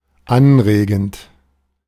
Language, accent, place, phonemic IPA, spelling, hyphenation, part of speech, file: German, Germany, Berlin, /ˈanˌʁeːɡn̩t/, anregend, an‧re‧gend, verb / adjective, De-anregend.ogg
- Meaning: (verb) present participle of anregen; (adjective) stimulating, inspiring